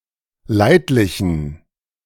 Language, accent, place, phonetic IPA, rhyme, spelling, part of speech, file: German, Germany, Berlin, [ˈlaɪ̯tlɪçn̩], -aɪ̯tlɪçn̩, leidlichen, adjective, De-leidlichen.ogg
- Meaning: inflection of leidlich: 1. strong genitive masculine/neuter singular 2. weak/mixed genitive/dative all-gender singular 3. strong/weak/mixed accusative masculine singular 4. strong dative plural